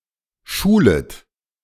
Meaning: second-person plural subjunctive I of schulen
- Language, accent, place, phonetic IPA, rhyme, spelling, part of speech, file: German, Germany, Berlin, [ˈʃuːlət], -uːlət, schulet, verb, De-schulet.ogg